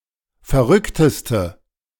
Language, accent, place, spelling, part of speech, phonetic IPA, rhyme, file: German, Germany, Berlin, verrückteste, adjective, [fɛɐ̯ˈʁʏktəstə], -ʏktəstə, De-verrückteste.ogg
- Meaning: inflection of verrückt: 1. strong/mixed nominative/accusative feminine singular superlative degree 2. strong nominative/accusative plural superlative degree